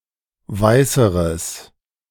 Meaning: strong/mixed nominative/accusative neuter singular comparative degree of weiß
- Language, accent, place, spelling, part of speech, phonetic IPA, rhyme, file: German, Germany, Berlin, weißeres, adjective, [ˈvaɪ̯səʁəs], -aɪ̯səʁəs, De-weißeres.ogg